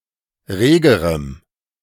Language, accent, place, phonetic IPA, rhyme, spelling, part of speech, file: German, Germany, Berlin, [ˈʁeːɡəʁəm], -eːɡəʁəm, regerem, adjective, De-regerem.ogg
- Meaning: strong dative masculine/neuter singular comparative degree of rege